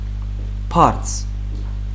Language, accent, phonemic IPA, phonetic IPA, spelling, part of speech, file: Armenian, Western Armenian, /pɑɾt͡s/, [pʰɑɾt͡sʰ], բարձ, noun, HyW-բարձ.ogg
- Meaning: 1. pillow; cushion 2. dignity, degree 3. base of a triangle